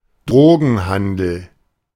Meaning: drug trafficking, drug dealing, drug trade
- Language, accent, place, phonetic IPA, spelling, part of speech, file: German, Germany, Berlin, [ˈdʁoːɡn̩ˌhandl̩], Drogenhandel, noun, De-Drogenhandel.ogg